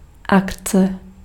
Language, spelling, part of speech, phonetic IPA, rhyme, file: Czech, akce, noun, [ˈakt͡sɛ], -aktsɛ, Cs-akce.ogg
- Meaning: 1. an action 2. an event, happening 3. special offer